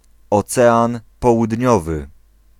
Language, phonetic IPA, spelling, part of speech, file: Polish, [ɔˈt͡sɛãn ˌpɔwudʲˈɲɔvɨ], Ocean Południowy, proper noun, Pl-Ocean Południowy.ogg